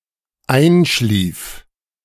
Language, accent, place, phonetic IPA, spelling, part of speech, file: German, Germany, Berlin, [ˈaɪ̯nˌʃliːf], einschlief, verb, De-einschlief.ogg
- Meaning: first/third-person singular dependent preterite of einschlafen